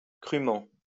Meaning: 1. dryly 2. harshly
- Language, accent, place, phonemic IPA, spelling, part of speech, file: French, France, Lyon, /kʁy.mɑ̃/, crûment, adverb, LL-Q150 (fra)-crûment.wav